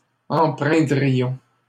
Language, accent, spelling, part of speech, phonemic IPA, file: French, Canada, empreindrions, verb, /ɑ̃.pʁɛ̃.dʁi.jɔ̃/, LL-Q150 (fra)-empreindrions.wav
- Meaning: first-person plural conditional of empreindre